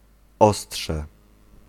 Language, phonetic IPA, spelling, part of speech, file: Polish, [ˈɔsṭʃɛ], ostrze, noun, Pl-ostrze.ogg